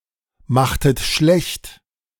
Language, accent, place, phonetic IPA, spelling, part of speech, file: German, Germany, Berlin, [ˌmaxtət ˈʃlɛçt], machtet schlecht, verb, De-machtet schlecht.ogg
- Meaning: inflection of schlechtmachen: 1. second-person plural preterite 2. second-person plural subjunctive II